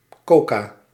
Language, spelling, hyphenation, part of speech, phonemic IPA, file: Dutch, coca, co‧ca, noun, /ˈkoː.kaː/, Nl-coca.ogg
- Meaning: 1. coca, plant of the family Erythroxylaceae 2. coca, consumable leaves of these plants